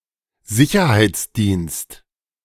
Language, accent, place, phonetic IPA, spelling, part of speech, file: German, Germany, Berlin, [ˈzɪçɐhaɪ̯tsˌdiːnst], Sicherheitsdienst, noun, De-Sicherheitsdienst.ogg
- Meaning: security service